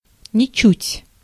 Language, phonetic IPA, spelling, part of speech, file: Russian, [nʲɪˈt͡ɕʉtʲ], ничуть, adverb, Ru-ничуть.ogg
- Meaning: not a bit, not in the slightest, by no means